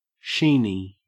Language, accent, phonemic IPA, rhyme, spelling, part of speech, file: English, Australia, /ˈʃiːni/, -iːni, sheeny, noun / adjective, En-au-sheeny.ogg
- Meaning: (noun) 1. A Jew 2. A cheat or fraudster; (adjective) 1. Having a sheen; glossy 2. Bright; radiant; shining